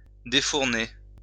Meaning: to remove from an oven; to take out of an oven
- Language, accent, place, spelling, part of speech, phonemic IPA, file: French, France, Lyon, défourner, verb, /de.fuʁ.ne/, LL-Q150 (fra)-défourner.wav